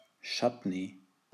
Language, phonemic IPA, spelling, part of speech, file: German, /ˈtʃat.ni/, Chutney, noun, De-Chutney.ogg
- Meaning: chutney